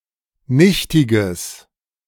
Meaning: strong/mixed nominative/accusative neuter singular of nichtig
- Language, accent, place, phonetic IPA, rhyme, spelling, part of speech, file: German, Germany, Berlin, [ˈnɪçtɪɡəs], -ɪçtɪɡəs, nichtiges, adjective, De-nichtiges.ogg